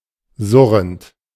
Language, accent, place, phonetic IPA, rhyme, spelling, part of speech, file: German, Germany, Berlin, [ˈzʊʁənt], -ʊʁənt, surrend, verb, De-surrend.ogg
- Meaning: present participle of surren